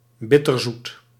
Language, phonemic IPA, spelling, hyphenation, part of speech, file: Dutch, /ˈbɪ.tərˌzut/, bitterzoet, bitter‧zoet, adjective / noun, Nl-bitterzoet.ogg
- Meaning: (adjective) 1. bittersweet, simultaneously sweet and bitter 2. bittersweet, evoking or involving both sad and pleasant emotions; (noun) bittersweet (Solanum dulcamara)